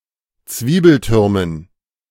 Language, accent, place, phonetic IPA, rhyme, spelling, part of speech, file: German, Germany, Berlin, [ˈt͡sviːbl̩ˌtʏʁmən], -iːbl̩tʏʁmən, Zwiebeltürmen, noun, De-Zwiebeltürmen.ogg
- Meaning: dative plural of Zwiebelturm